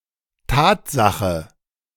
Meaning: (noun) fact (a true observation); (interjection) truly, that is the case, it's true
- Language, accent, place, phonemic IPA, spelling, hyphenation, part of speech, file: German, Germany, Berlin, /ˈtaːtˌzaxə/, Tatsache, Tat‧sa‧che, noun / interjection, De-Tatsache.ogg